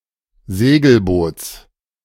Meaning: genitive singular of Segelboot
- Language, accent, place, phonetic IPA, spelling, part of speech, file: German, Germany, Berlin, [ˈzeːɡl̩ˌboːt͡s], Segelboots, noun, De-Segelboots.ogg